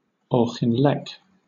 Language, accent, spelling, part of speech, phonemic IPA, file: English, Southern England, Auchinleck, proper noun, /ˌɔːxɪnˈlɛk/, LL-Q1860 (eng)-Auchinleck.wav
- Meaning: A village in East Ayrshire council area, Scotland (OS grid ref NS5521)